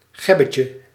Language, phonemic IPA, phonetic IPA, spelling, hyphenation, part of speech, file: Dutch, /ˈɣɛ.bə.tjə/, [ˈxɛ.bə.cə], gebbetje, geb‧be‧tje, noun, Nl-gebbetje.ogg
- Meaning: joke, humorous remark